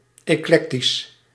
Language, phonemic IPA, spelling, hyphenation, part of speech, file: Dutch, /ˌeːˈklɛk.tis/, eclectisch, ec‧lec‧tisch, adjective, Nl-eclectisch.ogg
- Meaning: eclectic